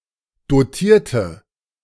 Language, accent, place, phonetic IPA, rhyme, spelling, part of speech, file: German, Germany, Berlin, [doˈtiːɐ̯tə], -iːɐ̯tə, dotierte, adjective / verb, De-dotierte.ogg
- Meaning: inflection of dotiert: 1. strong/mixed nominative/accusative feminine singular 2. strong nominative/accusative plural 3. weak nominative all-gender singular 4. weak accusative feminine/neuter singular